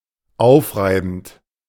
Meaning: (verb) present participle of aufreiben; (adjective) trying, exhausting
- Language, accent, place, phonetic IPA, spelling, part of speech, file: German, Germany, Berlin, [ˈaʊ̯fˌʁaɪ̯bn̩t], aufreibend, adjective / verb, De-aufreibend.ogg